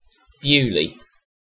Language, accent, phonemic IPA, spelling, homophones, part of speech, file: English, UK, /ˈbjuːli/, Beaulieu, Beauly / Bewley, proper noun, En-uk-Beaulieu.ogg
- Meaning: 1. A village and civil parish in New Forest district, Hampshire, England (OS grid ref SU3802) 2. A number of places in France: A commune in Ardèche department, Auvergne-Rhône-Alpes